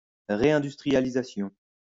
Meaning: reindustrialization
- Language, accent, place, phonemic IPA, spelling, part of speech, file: French, France, Lyon, /ʁe.ɛ̃.dys.tʁi.ja.li.za.sjɔ̃/, réindustrialisation, noun, LL-Q150 (fra)-réindustrialisation.wav